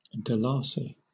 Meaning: The currency of the Gambia, divided into 100 bututs
- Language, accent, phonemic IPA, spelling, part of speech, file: English, Southern England, /dəˈlɑːsi/, dalasi, noun, LL-Q1860 (eng)-dalasi.wav